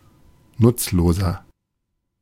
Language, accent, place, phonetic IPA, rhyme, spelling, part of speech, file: German, Germany, Berlin, [ˈnʊt͡sloːzɐ], -ʊt͡sloːzɐ, nutzloser, adjective, De-nutzloser.ogg
- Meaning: inflection of nutzlos: 1. strong/mixed nominative masculine singular 2. strong genitive/dative feminine singular 3. strong genitive plural